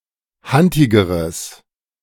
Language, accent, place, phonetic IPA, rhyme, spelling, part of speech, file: German, Germany, Berlin, [ˈhantɪɡəʁəs], -antɪɡəʁəs, hantigeres, adjective, De-hantigeres.ogg
- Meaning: strong/mixed nominative/accusative neuter singular comparative degree of hantig